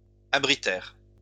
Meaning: third-person plural past historic of abriter
- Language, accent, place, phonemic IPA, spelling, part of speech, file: French, France, Lyon, /a.bʁi.tɛʁ/, abritèrent, verb, LL-Q150 (fra)-abritèrent.wav